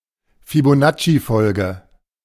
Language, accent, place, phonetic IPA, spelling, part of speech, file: German, Germany, Berlin, [fiboˈnattʃiˌfɔlɡə], Fibonaccifolge, noun, De-Fibonaccifolge.ogg
- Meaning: Fibonacci sequence